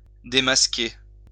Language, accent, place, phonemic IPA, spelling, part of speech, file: French, France, Lyon, /de.mas.ke/, démasquer, verb, LL-Q150 (fra)-démasquer.wav
- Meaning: 1. to remove a mask, to unmask 2. to expose, to uncover (e.g. a secret)